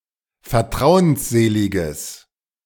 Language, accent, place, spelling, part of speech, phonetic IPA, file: German, Germany, Berlin, vertrauensseliges, adjective, [fɛɐ̯ˈtʁaʊ̯ənsˌzeːlɪɡəs], De-vertrauensseliges.ogg
- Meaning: strong/mixed nominative/accusative neuter singular of vertrauensselig